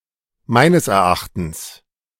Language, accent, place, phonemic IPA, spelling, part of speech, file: German, Germany, Berlin, /ˈmaɪ̯nəs ɛrˈaxtəns/, meines Erachtens, adverb, De-meines Erachtens.ogg
- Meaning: in my opinion, in my understanding / judgement